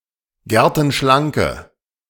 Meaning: inflection of gertenschlank: 1. strong/mixed nominative/accusative feminine singular 2. strong nominative/accusative plural 3. weak nominative all-gender singular
- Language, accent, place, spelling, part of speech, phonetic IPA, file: German, Germany, Berlin, gertenschlanke, adjective, [ˈɡɛʁtn̩ˌʃlaŋkə], De-gertenschlanke.ogg